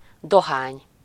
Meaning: 1. tobacco 2. dough (money)
- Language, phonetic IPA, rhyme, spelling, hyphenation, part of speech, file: Hungarian, [ˈdoɦaːɲ], -aːɲ, dohány, do‧hány, noun, Hu-dohány.ogg